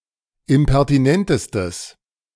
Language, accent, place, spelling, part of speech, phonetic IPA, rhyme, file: German, Germany, Berlin, impertinentestes, adjective, [ɪmpɛʁtiˈnɛntəstəs], -ɛntəstəs, De-impertinentestes.ogg
- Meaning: strong/mixed nominative/accusative neuter singular superlative degree of impertinent